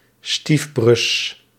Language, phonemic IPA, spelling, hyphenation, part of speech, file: Dutch, /ˈstifbrʏs/, stiefbrus, stief‧brus, noun, Nl-stiefbrus.ogg
- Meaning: stepsibling